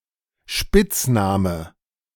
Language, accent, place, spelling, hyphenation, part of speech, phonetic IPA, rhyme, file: German, Germany, Berlin, Spitzname, Spitz‧na‧me, noun, [ˈʃpɪt͡sˌnaːmə], -aːmə, De-Spitzname.ogg
- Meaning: nickname